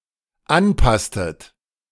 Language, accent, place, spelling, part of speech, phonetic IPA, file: German, Germany, Berlin, anpasstet, verb, [ˈanˌpastət], De-anpasstet.ogg
- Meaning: inflection of anpassen: 1. second-person plural dependent preterite 2. second-person plural dependent subjunctive II